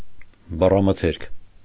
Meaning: 1. vocabulary (totality of words of a language) 2. vocabulary (stock of words used by someone)
- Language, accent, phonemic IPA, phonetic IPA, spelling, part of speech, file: Armenian, Eastern Armenian, /bɑrɑməˈtʰeɾkʰ/, [bɑrɑmətʰéɾkʰ], բառամթերք, noun, Hy-բառամթերք.ogg